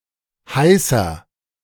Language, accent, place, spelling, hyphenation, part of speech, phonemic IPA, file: German, Germany, Berlin, heißer, hei‧ßer, adjective, /ˈhaɪsɐ/, De-heißer.ogg
- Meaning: inflection of heiß: 1. strong/mixed nominative masculine singular 2. strong genitive/dative feminine singular 3. strong genitive plural